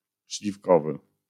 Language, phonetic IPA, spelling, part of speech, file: Polish, [ɕlʲifˈkɔvɨ], śliwkowy, adjective, LL-Q809 (pol)-śliwkowy.wav